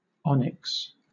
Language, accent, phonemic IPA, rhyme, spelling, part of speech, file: English, Southern England, /ˈɒnɪks/, -ɒnɪks, onyx, noun / adjective, LL-Q1860 (eng)-onyx.wav
- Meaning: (noun) 1. A banded variety of chalcedony, a cryptocrystalline form of quartz 2. A jet-black color, named after the gemstone 3. Any of various lycaenid butterflies of the genus Horaga